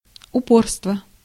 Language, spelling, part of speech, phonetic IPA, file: Russian, упорство, noun, [ʊˈporstvə], Ru-упорство.ogg
- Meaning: 1. persistence, unyieldingness 2. obstinacy, stubbornness, pertinacity, doggedness